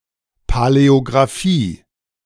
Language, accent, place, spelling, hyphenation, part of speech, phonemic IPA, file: German, Germany, Berlin, Paläographie, Pa‧läo‧gra‧phie, noun, /palɛoɡʁaˈfiː/, De-Paläographie.ogg
- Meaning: paleography